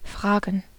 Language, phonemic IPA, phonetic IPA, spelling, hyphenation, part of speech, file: German, /ˈfʁaːɡən/, [ˈfʁaːɡŋ̩], fragen, fra‧gen, verb, De-fragen.ogg
- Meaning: 1. to ask 2. to ask for, to ask after 3. to wonder (literally, “to ask (oneself)”)